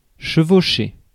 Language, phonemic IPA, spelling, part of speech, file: French, /ʃə.vo.ʃe/, chevaucher, verb, Fr-chevaucher.ogg
- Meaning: 1. to straddle, be astride 2. to span, sit/be across 3. to ride on horseback, usually for the purpose of raiding and pillaging 4. to overlap